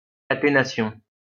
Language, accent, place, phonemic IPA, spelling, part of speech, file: French, France, Lyon, /ka.te.na.sjɔ̃/, caténation, noun, LL-Q150 (fra)-caténation.wav
- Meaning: catenation (all senses)